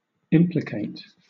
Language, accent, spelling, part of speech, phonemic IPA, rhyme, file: English, Southern England, implicate, verb, /ˈɪmplɪkeɪt/, -eɪt, LL-Q1860 (eng)-implicate.wav
- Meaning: 1. To show to be connected or involved in an unfavorable or criminal way 2. To imply, to have as a necessary consequence or accompaniment 3. To imply without entailing; to have as an implicature